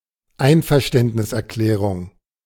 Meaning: declaration of consent
- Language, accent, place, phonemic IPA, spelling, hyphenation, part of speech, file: German, Germany, Berlin, /ˈaɪ̯nfɛɐ̯ʃtɛntnɪsʔɛɐ̯ˌklɛːʁʊŋ/, Einverständniserklärung, Ein‧ver‧ständ‧nis‧er‧klä‧rung, noun, De-Einverständniserklärung.ogg